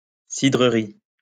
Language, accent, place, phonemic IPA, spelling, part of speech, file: French, France, Lyon, /si.dʁə.ʁi/, cidrerie, noun, LL-Q150 (fra)-cidrerie.wav
- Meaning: 1. cider-makers 2. cider house